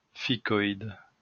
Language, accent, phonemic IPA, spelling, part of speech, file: French, France, /fi.kɔ.id/, ficoïde, noun, LL-Q150 (fra)-ficoïde.wav
- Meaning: fig marigold, ice plant (of family Aizoaceae or Ficoidaceae)